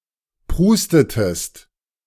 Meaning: inflection of prusten: 1. second-person singular preterite 2. second-person singular subjunctive II
- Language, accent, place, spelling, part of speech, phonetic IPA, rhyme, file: German, Germany, Berlin, prustetest, verb, [ˈpʁuːstətəst], -uːstətəst, De-prustetest.ogg